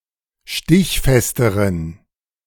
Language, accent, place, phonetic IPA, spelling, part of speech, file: German, Germany, Berlin, [ˈʃtɪçˌfɛstəʁən], stichfesteren, adjective, De-stichfesteren.ogg
- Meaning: inflection of stichfest: 1. strong genitive masculine/neuter singular comparative degree 2. weak/mixed genitive/dative all-gender singular comparative degree